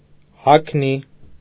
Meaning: chaste tree, Vitex agnus-castus
- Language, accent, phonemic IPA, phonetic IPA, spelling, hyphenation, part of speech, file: Armenian, Eastern Armenian, /hɑkʰˈni/, [hɑkʰní], հագնի, հագ‧նի, noun, Hy-հագնի.ogg